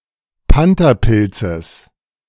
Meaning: genitive singular of Pantherpilz
- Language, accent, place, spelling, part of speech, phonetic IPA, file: German, Germany, Berlin, Pantherpilzes, noun, [ˈpantɐˌpɪlt͡səs], De-Pantherpilzes.ogg